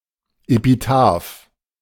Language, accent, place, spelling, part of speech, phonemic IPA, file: German, Germany, Berlin, Epitaph, noun, /epiˈtaːf/, De-Epitaph.ogg
- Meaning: epitaph (inscription on a gravestone)